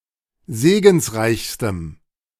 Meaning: strong dative masculine/neuter singular superlative degree of segensreich
- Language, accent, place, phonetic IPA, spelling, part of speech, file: German, Germany, Berlin, [ˈzeːɡn̩sˌʁaɪ̯çstəm], segensreichstem, adjective, De-segensreichstem.ogg